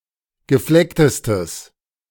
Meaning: strong/mixed nominative/accusative neuter singular superlative degree of gefleckt
- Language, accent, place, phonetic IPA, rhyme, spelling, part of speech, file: German, Germany, Berlin, [ɡəˈflɛktəstəs], -ɛktəstəs, geflecktestes, adjective, De-geflecktestes.ogg